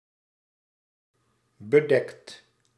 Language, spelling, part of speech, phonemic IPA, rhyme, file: Dutch, bedekt, verb, /bəˈdɛkt/, -ɛkt, Nl-bedekt.ogg
- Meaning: 1. inflection of bedekken: second/third-person singular present indicative 2. inflection of bedekken: plural imperative 3. past participle of bedekken